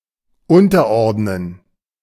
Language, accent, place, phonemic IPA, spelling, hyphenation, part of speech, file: German, Germany, Berlin, /ˈʊntɐˌɔʁdnən/, unterordnen, un‧ter‧ord‧nen, verb, De-unterordnen.ogg
- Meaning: to subordinate